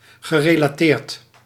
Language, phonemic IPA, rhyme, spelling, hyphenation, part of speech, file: Dutch, /ɣə.reː.laːˈteːrt/, -eːrt, gerelateerd, ge‧re‧la‧teerd, adjective / verb, Nl-gerelateerd.ogg
- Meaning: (adjective) related; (verb) past participle of relateren